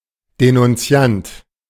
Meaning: informer (male or of unspecified gender) (Someone who denounces or informs against a person.)
- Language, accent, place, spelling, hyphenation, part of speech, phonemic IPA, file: German, Germany, Berlin, Denunziant, De‧nun‧zi‧ant, noun, /denʊnˈtsi̯ant/, De-Denunziant.ogg